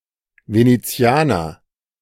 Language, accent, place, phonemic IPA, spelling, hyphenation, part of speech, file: German, Germany, Berlin, /ˌveneˈt͡si̯aːnɐ/, Venezianer, Ve‧ne‧zi‧a‧ner, noun, De-Venezianer.ogg
- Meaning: Venetian (person)